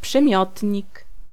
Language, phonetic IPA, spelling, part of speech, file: Polish, [pʃɨ̃ˈmʲjɔtʲɲik], przymiotnik, noun, Pl-przymiotnik.ogg